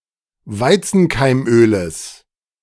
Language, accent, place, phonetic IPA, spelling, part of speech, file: German, Germany, Berlin, [ˈvaɪ̯t͡sn̩kaɪ̯mˌʔøːləs], Weizenkeimöles, noun, De-Weizenkeimöles.ogg
- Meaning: genitive of Weizenkeimöl